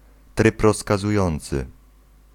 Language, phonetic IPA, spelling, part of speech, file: Polish, [ˈtrɨp ˌrɔskazuˈjɔ̃nt͡sɨ], tryb rozkazujący, noun, Pl-tryb rozkazujący.ogg